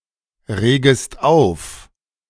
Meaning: second-person singular subjunctive I of aufregen
- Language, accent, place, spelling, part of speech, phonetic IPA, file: German, Germany, Berlin, regest auf, verb, [ˌʁeːɡəst ˈaʊ̯f], De-regest auf.ogg